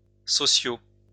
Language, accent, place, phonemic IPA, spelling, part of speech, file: French, France, Lyon, /sɔ.sjo/, sociaux, adjective, LL-Q150 (fra)-sociaux.wav
- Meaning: masculine plural of social